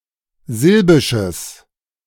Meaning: strong/mixed nominative/accusative neuter singular of silbisch
- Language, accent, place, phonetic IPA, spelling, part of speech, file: German, Germany, Berlin, [ˈzɪlbɪʃəs], silbisches, adjective, De-silbisches.ogg